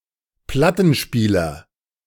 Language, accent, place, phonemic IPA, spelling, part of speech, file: German, Germany, Berlin, /ˈplatn̩ˌʃpiːlɐ/, Plattenspieler, noun, De-Plattenspieler.ogg
- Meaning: record player